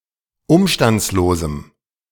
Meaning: strong dative masculine/neuter singular of umstandslos
- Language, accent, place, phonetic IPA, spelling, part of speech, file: German, Germany, Berlin, [ˈʊmʃtant͡sloːzm̩], umstandslosem, adjective, De-umstandslosem.ogg